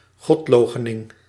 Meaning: 1. denial or rejection of the existence of any deities, atheism 2. action or specific occasion of denying any deities' existence
- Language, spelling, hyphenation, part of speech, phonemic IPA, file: Dutch, godloochening, god‧loo‧che‧ning, noun, /ˈɣɔtˌloː.xə.nɪŋ/, Nl-godloochening.ogg